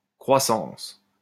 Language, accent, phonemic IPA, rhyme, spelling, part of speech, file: French, France, /kʁwa.sɑ̃s/, -ɑ̃s, croissance, noun, LL-Q150 (fra)-croissance.wav
- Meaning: growth